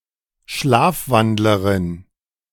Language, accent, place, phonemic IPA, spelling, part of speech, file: German, Germany, Berlin, /ˈʃlaːfˌvandləʁɪn/, Schlafwandlerin, noun, De-Schlafwandlerin.ogg
- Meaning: female sleepwalker